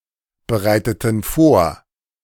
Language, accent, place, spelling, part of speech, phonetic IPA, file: German, Germany, Berlin, bereiteten vor, verb, [bəˌʁaɪ̯tətn̩ ˈfoːɐ̯], De-bereiteten vor.ogg
- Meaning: inflection of vorbereiten: 1. first/third-person plural preterite 2. first/third-person plural subjunctive II